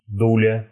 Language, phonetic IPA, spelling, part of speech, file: Russian, [ˈdulʲə], дуля, noun, Ru-ду́ля.ogg
- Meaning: 1. small pear 2. fig sign (a rude gesture in which the hand makes a fist and the thumb is stuck between the index and middle fingers); indicates "nothing for you", "nuts to you"